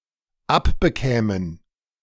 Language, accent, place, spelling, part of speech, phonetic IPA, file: German, Germany, Berlin, abbekämen, verb, [ˈapbəˌkɛːmən], De-abbekämen.ogg
- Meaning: first/third-person plural dependent subjunctive II of abbekommen